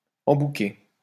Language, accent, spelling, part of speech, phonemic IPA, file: French, France, embouquer, verb, /ɑ̃.bu.ke/, LL-Q150 (fra)-embouquer.wav
- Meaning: to sail through a canal, strait or similar narrow passage